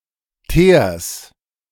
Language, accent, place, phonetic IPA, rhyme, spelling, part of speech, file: German, Germany, Berlin, [teːɐ̯s], -eːɐ̯s, Teers, noun, De-Teers.ogg
- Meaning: genitive singular of Teer